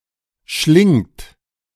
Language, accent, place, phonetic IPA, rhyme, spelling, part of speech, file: German, Germany, Berlin, [ʃlɪŋt], -ɪŋt, schlingt, verb, De-schlingt.ogg
- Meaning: second-person plural present of schlingen